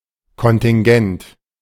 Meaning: contingent
- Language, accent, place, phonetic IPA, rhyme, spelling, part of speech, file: German, Germany, Berlin, [kɔntɪŋˈɡɛnt], -ɛnt, kontingent, adjective, De-kontingent.ogg